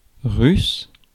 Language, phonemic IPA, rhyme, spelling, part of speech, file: French, /ʁys/, -ys, russe, adjective / noun, Fr-russe.ogg
- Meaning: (adjective) Russian; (noun) Russian language